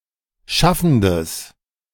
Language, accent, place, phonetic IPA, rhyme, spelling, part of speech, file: German, Germany, Berlin, [ˈʃafn̩dəs], -afn̩dəs, schaffendes, adjective, De-schaffendes.ogg
- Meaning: strong/mixed nominative/accusative neuter singular of schaffend